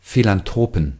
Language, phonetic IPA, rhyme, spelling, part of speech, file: German, [filanˈtʁoːpn̩], -oːpn̩, Philanthropen, noun, De-Philanthropen.ogg
- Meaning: inflection of Philanthrop: 1. genitive/dative/accusative singular 2. nominative/genitive/dative/accusative plural